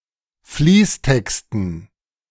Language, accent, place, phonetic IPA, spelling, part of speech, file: German, Germany, Berlin, [ˈfliːsˌtɛkstn̩], Fließtexten, noun, De-Fließtexten.ogg
- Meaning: dative plural of Fließtext